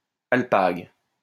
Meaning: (noun) 1. overcoat, typically of alpaca 2. any type of garment; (verb) inflection of alpaguer: 1. first/third-person singular present indicative/subjunctive 2. second-person singular imperative
- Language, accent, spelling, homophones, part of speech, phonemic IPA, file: French, France, alpague, alpaguent / alpagues, noun / verb, /al.paɡ/, LL-Q150 (fra)-alpague.wav